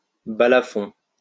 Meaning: balafon
- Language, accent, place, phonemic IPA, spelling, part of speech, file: French, France, Lyon, /ba.la.fɔ̃/, balafon, noun, LL-Q150 (fra)-balafon.wav